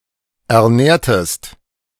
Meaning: inflection of ernähren: 1. second-person singular preterite 2. second-person singular subjunctive II
- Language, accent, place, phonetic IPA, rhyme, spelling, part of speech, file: German, Germany, Berlin, [ɛɐ̯ˈnɛːɐ̯təst], -ɛːɐ̯təst, ernährtest, verb, De-ernährtest.ogg